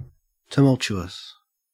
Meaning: 1. Characterized by loud, confused noise 2. Causing or characterized by tumult; chaotic, disorderly, turbulent
- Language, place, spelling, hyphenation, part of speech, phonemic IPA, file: English, Queensland, tumultuous, tu‧mult‧u‧ous, adjective, /təˈmɐl.t͡ʃʊ.əs/, En-au-tumultuous.ogg